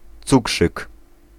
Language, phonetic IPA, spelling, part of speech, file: Polish, [ˈt͡sukʃɨk], cukrzyk, noun, Pl-cukrzyk.ogg